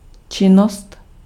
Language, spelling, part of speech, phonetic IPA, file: Czech, činnost, noun, [ˈt͡ʃɪnost], Cs-činnost.ogg
- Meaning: 1. activity (state or quality of being active) 2. activity (something done)